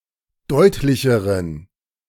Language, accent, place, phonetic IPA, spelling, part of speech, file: German, Germany, Berlin, [ˈdɔɪ̯tlɪçəʁən], deutlicheren, adjective, De-deutlicheren.ogg
- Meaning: inflection of deutlich: 1. strong genitive masculine/neuter singular comparative degree 2. weak/mixed genitive/dative all-gender singular comparative degree